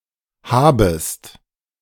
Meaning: second-person singular subjunctive I of haben
- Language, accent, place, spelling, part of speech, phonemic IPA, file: German, Germany, Berlin, habest, verb, /ˈhaːbəst/, De-habest.ogg